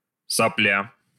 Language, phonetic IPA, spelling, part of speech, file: Russian, [sɐˈplʲa], сопля, noun, Ru-сопля.ogg
- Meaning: 1. (a piece of) snivel, snot (mucus) 2. ping-pong ball flying in close to vertical direction, difficult or impossible to catch 3. brat, worthless, lousy person; wimp, spineless person, weakling